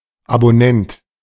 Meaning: subscriber
- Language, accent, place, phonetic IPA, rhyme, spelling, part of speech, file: German, Germany, Berlin, [aboˈnɛnt], -ɛnt, Abonnent, noun, De-Abonnent.ogg